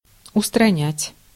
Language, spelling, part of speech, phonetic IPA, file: Russian, устранять, verb, [ʊstrɐˈnʲætʲ], Ru-устранять.ogg
- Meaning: 1. to eliminate 2. to remove